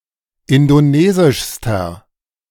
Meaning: inflection of indonesisch: 1. strong/mixed nominative masculine singular superlative degree 2. strong genitive/dative feminine singular superlative degree 3. strong genitive plural superlative degree
- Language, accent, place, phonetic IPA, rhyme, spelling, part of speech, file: German, Germany, Berlin, [ˌɪndoˈneːzɪʃstɐ], -eːzɪʃstɐ, indonesischster, adjective, De-indonesischster.ogg